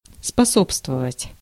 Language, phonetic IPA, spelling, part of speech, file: Russian, [spɐˈsopstvəvətʲ], способствовать, verb, Ru-способствовать.ogg
- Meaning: 1. to promote, to further, to favour/favor, to be conducive to 2. to assist